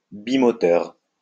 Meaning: twin-engine
- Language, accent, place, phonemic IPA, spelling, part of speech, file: French, France, Lyon, /bi.mɔ.tœʁ/, bimoteur, adjective, LL-Q150 (fra)-bimoteur.wav